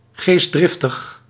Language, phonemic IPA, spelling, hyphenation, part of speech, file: Dutch, /ˌɣeːs(t)ˈdrɪf.təx/, geestdriftig, geest‧drif‧tig, adjective, Nl-geestdriftig.ogg
- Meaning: enthusiastic